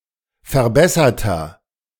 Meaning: inflection of verbessert: 1. strong/mixed nominative masculine singular 2. strong genitive/dative feminine singular 3. strong genitive plural
- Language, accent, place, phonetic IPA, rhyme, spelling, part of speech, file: German, Germany, Berlin, [fɛɐ̯ˈbɛsɐtɐ], -ɛsɐtɐ, verbesserter, adjective, De-verbesserter.ogg